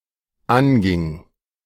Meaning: first/third-person singular dependent preterite of angehen
- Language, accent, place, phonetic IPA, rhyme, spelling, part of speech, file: German, Germany, Berlin, [ˈanɡɪŋ], -anɡɪŋ, anging, verb, De-anging.ogg